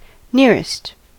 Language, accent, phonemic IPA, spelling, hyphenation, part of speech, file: English, General American, /ˈnɪɹɪst/, nearest, near‧est, adjective / preposition, En-us-nearest.ogg
- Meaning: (adjective) superlative form of near: most near; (preposition) Closest to